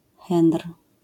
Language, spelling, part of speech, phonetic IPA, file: Polish, henr, noun, [xɛ̃nr], LL-Q809 (pol)-henr.wav